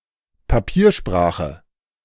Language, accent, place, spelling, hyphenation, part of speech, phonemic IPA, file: German, Germany, Berlin, Papiersprache, Pa‧pier‧spra‧che, noun, /paˈpiːɐ̯ˌʃpʁaːxə/, De-Papiersprache.ogg
- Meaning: bureaucratese